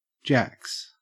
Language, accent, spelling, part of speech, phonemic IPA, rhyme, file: English, Australia, jacks, noun, /d͡ʒæks/, -æks, En-au-jacks.ogg
- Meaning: 1. plural of jack 2. A pair of jacks 3. Heroin tablets (from "jacks and jills" = pills) 4. Alternative form of jakes: an outhouse or lavatory